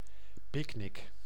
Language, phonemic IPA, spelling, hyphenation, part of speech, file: Dutch, /ˈpɪk.nɪk/, picknick, pick‧nick, noun, Nl-picknick.ogg
- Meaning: picnic